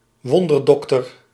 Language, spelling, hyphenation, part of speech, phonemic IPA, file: Dutch, wonderdokter, won‧der‧dok‧ter, noun, /ˈʋɔn.dərˌdɔk.tər/, Nl-wonderdokter.ogg
- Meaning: 1. quack, alternative healer 2. shaman, witch doctor